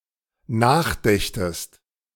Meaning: second-person singular dependent subjunctive II of nachdenken
- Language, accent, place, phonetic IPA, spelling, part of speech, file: German, Germany, Berlin, [ˈnaːxˌdɛçtəst], nachdächtest, verb, De-nachdächtest.ogg